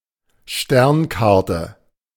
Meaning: star chart
- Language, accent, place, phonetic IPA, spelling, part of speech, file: German, Germany, Berlin, [ˈʃtɛʁnˌkaʁtə], Sternkarte, noun, De-Sternkarte.ogg